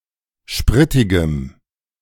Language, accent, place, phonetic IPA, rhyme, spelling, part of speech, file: German, Germany, Berlin, [ˈʃpʁɪtɪɡəm], -ɪtɪɡəm, spritigem, adjective, De-spritigem.ogg
- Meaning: strong dative masculine/neuter singular of spritig